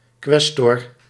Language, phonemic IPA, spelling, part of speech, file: Dutch, /ˈkwɛstɔr/, quaestor, noun, Nl-quaestor.ogg
- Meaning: treasurer, today mostly used in academic/student organizations